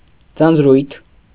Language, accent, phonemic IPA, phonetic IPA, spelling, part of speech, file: Armenian, Eastern Armenian, /d͡zɑnd͡zˈɾujtʰ/, [d͡zɑnd͡zɾújtʰ], ձանձրույթ, noun, Hy-ձանձրույթ.ogg
- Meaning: boredom